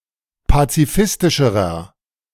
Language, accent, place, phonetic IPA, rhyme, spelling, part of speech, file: German, Germany, Berlin, [pat͡siˈfɪstɪʃəʁɐ], -ɪstɪʃəʁɐ, pazifistischerer, adjective, De-pazifistischerer.ogg
- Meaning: inflection of pazifistisch: 1. strong/mixed nominative masculine singular comparative degree 2. strong genitive/dative feminine singular comparative degree 3. strong genitive plural comparative degree